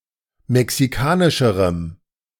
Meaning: strong dative masculine/neuter singular comparative degree of mexikanisch
- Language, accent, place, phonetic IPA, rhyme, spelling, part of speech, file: German, Germany, Berlin, [mɛksiˈkaːnɪʃəʁəm], -aːnɪʃəʁəm, mexikanischerem, adjective, De-mexikanischerem.ogg